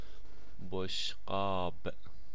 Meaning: plate, dish
- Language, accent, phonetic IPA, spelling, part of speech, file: Persian, Iran, [boʃ.ɢɒːb̥], بشقاب, noun, Fa-بشقاب.ogg